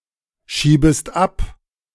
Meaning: second-person singular subjunctive I of abschieben
- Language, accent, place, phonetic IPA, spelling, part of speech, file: German, Germany, Berlin, [ˌʃiːbəst ˈap], schiebest ab, verb, De-schiebest ab.ogg